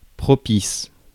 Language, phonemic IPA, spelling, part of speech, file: French, /pʁɔ.pis/, propice, adjective, Fr-propice.ogg
- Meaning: 1. propitious; favorable 2. opportune